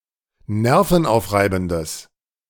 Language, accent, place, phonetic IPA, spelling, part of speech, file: German, Germany, Berlin, [ˈnɛʁfn̩ˌʔaʊ̯fʁaɪ̯bn̩dəs], nervenaufreibendes, adjective, De-nervenaufreibendes.ogg
- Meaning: strong/mixed nominative/accusative neuter singular of nervenaufreibend